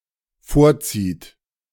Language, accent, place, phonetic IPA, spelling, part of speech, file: German, Germany, Berlin, [ˈfoːɐ̯ˌt͡siːt], vorzieht, verb, De-vorzieht.ogg
- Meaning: inflection of vorziehen: 1. third-person singular dependent present 2. second-person plural dependent present